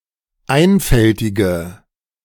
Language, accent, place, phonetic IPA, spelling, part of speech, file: German, Germany, Berlin, [ˈaɪ̯nfɛltɪɡə], einfältige, adjective, De-einfältige.ogg
- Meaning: inflection of einfältig: 1. strong/mixed nominative/accusative feminine singular 2. strong nominative/accusative plural 3. weak nominative all-gender singular